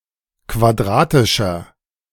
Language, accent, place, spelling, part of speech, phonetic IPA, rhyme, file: German, Germany, Berlin, quadratischer, adjective, [kvaˈdʁaːtɪʃɐ], -aːtɪʃɐ, De-quadratischer.ogg
- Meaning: inflection of quadratisch: 1. strong/mixed nominative masculine singular 2. strong genitive/dative feminine singular 3. strong genitive plural